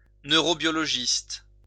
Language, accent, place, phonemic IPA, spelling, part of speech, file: French, France, Lyon, /nø.ʁo.bjɔ.lɔ.ʒist/, neurobiologiste, noun, LL-Q150 (fra)-neurobiologiste.wav
- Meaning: neurobiologist